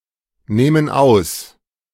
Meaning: first/third-person plural preterite of ausnehmen
- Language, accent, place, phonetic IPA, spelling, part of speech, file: German, Germany, Berlin, [ˌnaːmən ˈaʊ̯s], nahmen aus, verb, De-nahmen aus.ogg